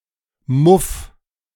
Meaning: 1. muff (piece of fur or cloth, usually with open ends, used for keeping the hands warm) 2. stench, mouldy smell
- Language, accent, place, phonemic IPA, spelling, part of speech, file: German, Germany, Berlin, /mʊf/, Muff, noun, De-Muff.ogg